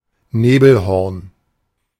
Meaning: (noun) foghorn; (proper noun) 1. a mountain in Allgäu, Bavaria, Germany 2. a mountain in the Lofer Mountains, Tyrol, Austria
- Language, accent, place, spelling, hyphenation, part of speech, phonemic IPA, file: German, Germany, Berlin, Nebelhorn, Ne‧bel‧horn, noun / proper noun, /ˈneːbəlˌhɔrn/, De-Nebelhorn.ogg